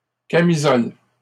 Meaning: 1. camisole (short, sleeveless undergarment) 2. ellipsis of camisole de force; straitjacket
- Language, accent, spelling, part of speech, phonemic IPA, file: French, Canada, camisole, noun, /ka.mi.zɔl/, LL-Q150 (fra)-camisole.wav